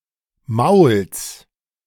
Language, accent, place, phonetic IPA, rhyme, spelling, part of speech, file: German, Germany, Berlin, [maʊ̯ls], -aʊ̯ls, Mauls, noun, De-Mauls.ogg
- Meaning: genitive singular of Maul